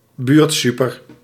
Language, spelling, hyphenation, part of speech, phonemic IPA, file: Dutch, buurtsuper, buurt‧su‧per, noun, /ˈbyːrtˌsy.pər/, Nl-buurtsuper.ogg
- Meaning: small neighbourhood supermarket, local grocery store, convenience store